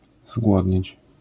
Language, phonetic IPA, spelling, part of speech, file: Polish, [ˈzɡwɔdʲɲɛ̇t͡ɕ], zgłodnieć, verb, LL-Q809 (pol)-zgłodnieć.wav